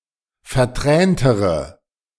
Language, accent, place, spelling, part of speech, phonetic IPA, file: German, Germany, Berlin, verträntere, adjective, [fɛɐ̯ˈtʁɛːntəʁə], De-verträntere.ogg
- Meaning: inflection of vertränt: 1. strong/mixed nominative/accusative feminine singular comparative degree 2. strong nominative/accusative plural comparative degree